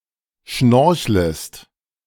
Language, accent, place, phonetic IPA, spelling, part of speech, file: German, Germany, Berlin, [ˈʃnɔʁçləst], schnorchlest, verb, De-schnorchlest.ogg
- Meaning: second-person singular subjunctive I of schnorcheln